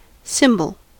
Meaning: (noun) 1. A character or glyph representing an idea, concept or object 2. A thing considered the embodiment or cardinal exemplar of a concept, theme, or other thing
- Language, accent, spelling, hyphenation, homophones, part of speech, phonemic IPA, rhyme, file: English, General American, symbol, sym‧bol, cymbal, noun / verb, /ˈsɪmbəl/, -ɪmbəl, En-us-symbol.ogg